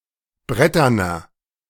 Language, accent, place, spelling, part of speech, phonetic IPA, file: German, Germany, Berlin, bretterner, adjective, [ˈbʁɛtɐnɐ], De-bretterner.ogg
- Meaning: inflection of brettern: 1. strong/mixed nominative masculine singular 2. strong genitive/dative feminine singular 3. strong genitive plural